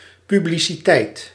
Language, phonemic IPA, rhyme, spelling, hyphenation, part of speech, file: Dutch, /ˌpy.bli.siˈtɛi̯t/, -ɛi̯t, publiciteit, pu‧bli‧ci‧teit, noun, Nl-publiciteit.ogg
- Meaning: publicity